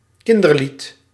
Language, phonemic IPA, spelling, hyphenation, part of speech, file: Dutch, /ˈkɪn.dərˌlit/, kinderlied, kin‧der‧lied, noun, Nl-kinderlied.ogg
- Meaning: a children's song, often but not exclusively a nursery rhyme